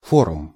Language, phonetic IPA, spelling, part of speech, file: Russian, [ˈforʊm], форум, noun, Ru-форум.ogg
- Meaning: forum